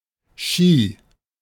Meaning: ski
- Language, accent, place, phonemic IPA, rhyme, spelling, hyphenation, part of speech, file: German, Germany, Berlin, /ʃiː/, -iː, Ski, Ski, noun, De-Ski.ogg